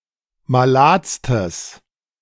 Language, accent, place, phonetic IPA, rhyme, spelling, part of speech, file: German, Germany, Berlin, [maˈlaːt͡stəs], -aːt͡stəs, maladstes, adjective, De-maladstes.ogg
- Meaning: strong/mixed nominative/accusative neuter singular superlative degree of malad